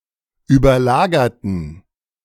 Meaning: inflection of überlagert: 1. strong genitive masculine/neuter singular 2. weak/mixed genitive/dative all-gender singular 3. strong/weak/mixed accusative masculine singular 4. strong dative plural
- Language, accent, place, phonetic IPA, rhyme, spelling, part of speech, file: German, Germany, Berlin, [yːbɐˈlaːɡɐtn̩], -aːɡɐtn̩, überlagerten, adjective / verb, De-überlagerten.ogg